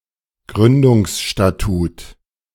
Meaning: a body of legal provisions defined by an organisation for itself (statute, bylaw, charter) which is the first of its kind for that particular organisation and coincides with its foundation
- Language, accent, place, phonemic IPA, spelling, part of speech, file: German, Germany, Berlin, /ˈɡryndʊŋsʃtaˌtuːt/, Gründungsstatut, noun, De-Gründungsstatut.ogg